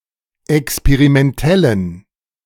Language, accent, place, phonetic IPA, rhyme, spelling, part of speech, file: German, Germany, Berlin, [ɛkspeʁimɛnˈtɛlən], -ɛlən, experimentellen, adjective, De-experimentellen.ogg
- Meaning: inflection of experimentell: 1. strong genitive masculine/neuter singular 2. weak/mixed genitive/dative all-gender singular 3. strong/weak/mixed accusative masculine singular 4. strong dative plural